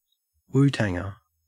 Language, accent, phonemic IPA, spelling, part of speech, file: English, Australia, /ˈwuːtæŋ(ɹ)/, Wu-Tanger, noun, En-au-Wu-Tanger.ogg
- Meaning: A member of, fan of, or someone closely affiliated with, the hip-hop group Wu-Tang Clan